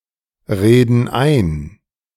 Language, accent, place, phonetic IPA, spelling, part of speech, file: German, Germany, Berlin, [ˌʁeːdn̩ ˈaɪ̯n], reden ein, verb, De-reden ein.ogg
- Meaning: inflection of einreden: 1. first/third-person plural present 2. first/third-person plural subjunctive I